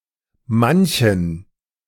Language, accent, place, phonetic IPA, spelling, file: German, Germany, Berlin, [ˈmançn̩], manchen, De-manchen.ogg
- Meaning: inflection of manch: 1. genitive masculine/neuter singular 2. accusative masculine singular 3. dative plural